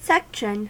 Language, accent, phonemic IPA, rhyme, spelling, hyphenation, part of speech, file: English, US, /ˈsɛkʃən/, -ɛkʃən, section, sec‧tion, noun / verb, En-us-section.ogg
- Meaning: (noun) 1. A cutting; a part cut out from the rest of something 2. A part, piece, subdivision of anything 3. A part, piece, subdivision of anything.: A group of instruments in an orchestra